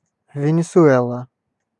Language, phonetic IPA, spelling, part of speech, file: Russian, [vʲɪnʲɪsʊˈɛɫə], Венесуэла, proper noun, Ru-Венесуэла.ogg
- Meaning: Venezuela (a country in South America)